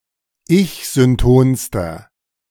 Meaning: inflection of ich-synton: 1. strong/mixed nominative masculine singular superlative degree 2. strong genitive/dative feminine singular superlative degree 3. strong genitive plural superlative degree
- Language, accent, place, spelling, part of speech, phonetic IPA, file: German, Germany, Berlin, ich-syntonster, adjective, [ˈɪçzʏnˌtoːnstɐ], De-ich-syntonster.ogg